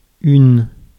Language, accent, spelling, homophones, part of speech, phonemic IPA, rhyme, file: French, France, une, unes, article / numeral / noun, /yn/, -yn, Fr-une.ogg
- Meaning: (article) feminine singular of un (“a / an”), the feminine indefinite article; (numeral) feminine singular of un (“one”); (noun) front page (of a publication)